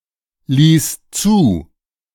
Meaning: first/third-person singular preterite of zulassen
- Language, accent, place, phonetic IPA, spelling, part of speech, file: German, Germany, Berlin, [ˌliːs ˈt͡suː], ließ zu, verb, De-ließ zu.ogg